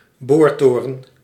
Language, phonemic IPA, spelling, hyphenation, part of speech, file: Dutch, /ˈboːrˌtoː.rə(n)/, boortoren, boor‧to‧ren, noun, Nl-boortoren.ogg
- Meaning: drilling tower (as on a drilling rig or in an oil or gas field)